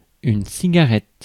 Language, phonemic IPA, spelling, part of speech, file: French, /si.ɡa.ʁɛt/, cigarette, noun, Fr-cigarette.ogg
- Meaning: cigarette